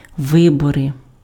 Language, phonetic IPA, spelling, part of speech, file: Ukrainian, [ˈʋɪbɔre], вибори, noun, Uk-вибори.ogg
- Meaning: 1. elections 2. nominative/accusative/vocative plural of ви́бір (výbir)